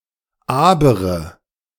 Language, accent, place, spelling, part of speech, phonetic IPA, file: German, Germany, Berlin, abermalige, adjective, [ˈaːbɐˌmaːlɪɡə], De-abermalige.ogg
- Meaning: inflection of abermalig: 1. strong/mixed nominative/accusative feminine singular 2. strong nominative/accusative plural 3. weak nominative all-gender singular